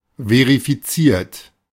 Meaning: 1. past participle of verifizieren 2. inflection of verifizieren: third-person singular present 3. inflection of verifizieren: second-person plural present
- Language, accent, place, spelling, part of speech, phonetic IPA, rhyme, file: German, Germany, Berlin, verifiziert, adjective / verb, [veʁifiˈt͡siːɐ̯t], -iːɐ̯t, De-verifiziert.ogg